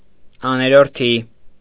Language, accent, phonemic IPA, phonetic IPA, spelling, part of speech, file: Armenian, Eastern Armenian, /ɑneɾoɾˈtʰi/, [ɑneɾoɾtʰí], աներորդի, noun, Hy-աներորդի.ogg
- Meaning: brother-in-law (wife's brother)